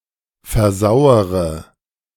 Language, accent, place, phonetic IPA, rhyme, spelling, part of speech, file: German, Germany, Berlin, [fɛɐ̯ˈzaʊ̯əʁə], -aʊ̯əʁə, versauere, verb, De-versauere.ogg
- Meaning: inflection of versauern: 1. first-person singular present 2. first-person plural subjunctive I 3. third-person singular subjunctive I 4. singular imperative